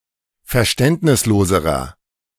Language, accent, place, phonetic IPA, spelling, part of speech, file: German, Germany, Berlin, [fɛɐ̯ˈʃtɛntnɪsˌloːzəʁɐ], verständnisloserer, adjective, De-verständnisloserer.ogg
- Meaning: inflection of verständnislos: 1. strong/mixed nominative masculine singular comparative degree 2. strong genitive/dative feminine singular comparative degree